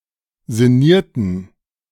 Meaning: inflection of sinnieren: 1. first/third-person plural preterite 2. first/third-person plural subjunctive II
- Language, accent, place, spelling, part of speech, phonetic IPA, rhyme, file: German, Germany, Berlin, sinnierten, verb, [zɪˈniːɐ̯tn̩], -iːɐ̯tn̩, De-sinnierten.ogg